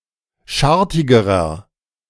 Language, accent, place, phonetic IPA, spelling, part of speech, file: German, Germany, Berlin, [ˈʃaʁtɪɡəʁɐ], schartigerer, adjective, De-schartigerer.ogg
- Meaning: inflection of schartig: 1. strong/mixed nominative masculine singular comparative degree 2. strong genitive/dative feminine singular comparative degree 3. strong genitive plural comparative degree